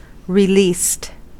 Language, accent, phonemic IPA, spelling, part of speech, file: English, US, /ɹɪˈliːst/, released, adjective / verb, En-us-released.ogg
- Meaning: simple past and past participle of release